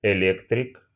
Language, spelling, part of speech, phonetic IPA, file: Russian, электрик, noun, [ɪˈlʲektrʲɪk], Ru-электрик.ogg
- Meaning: electrician